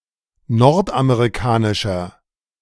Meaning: 1. comparative degree of nordamerikanisch 2. inflection of nordamerikanisch: strong/mixed nominative masculine singular 3. inflection of nordamerikanisch: strong genitive/dative feminine singular
- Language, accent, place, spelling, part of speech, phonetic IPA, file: German, Germany, Berlin, nordamerikanischer, adjective, [ˈnɔʁtʔameʁiˌkaːnɪʃɐ], De-nordamerikanischer.ogg